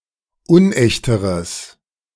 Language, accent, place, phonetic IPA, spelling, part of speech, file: German, Germany, Berlin, [ˈʊnˌʔɛçtəʁəs], unechteres, adjective, De-unechteres.ogg
- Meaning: strong/mixed nominative/accusative neuter singular comparative degree of unecht